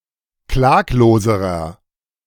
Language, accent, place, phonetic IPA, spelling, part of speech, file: German, Germany, Berlin, [ˈklaːkloːzəʁɐ], klagloserer, adjective, De-klagloserer.ogg
- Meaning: inflection of klaglos: 1. strong/mixed nominative masculine singular comparative degree 2. strong genitive/dative feminine singular comparative degree 3. strong genitive plural comparative degree